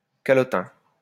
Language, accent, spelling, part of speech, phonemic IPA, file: French, France, calotin, noun, /ka.lɔ.tɛ̃/, LL-Q150 (fra)-calotin.wav
- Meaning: a person who wears a calotte (“religious skullcap”); any officer of the church